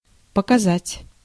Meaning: 1. to show 2. to display, to reveal, to achieve 3. to register, to read (of measuring devices) 4. to point 5. to depose, to testify, to give evidence
- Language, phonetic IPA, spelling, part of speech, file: Russian, [pəkɐˈzatʲ], показать, verb, Ru-показать.ogg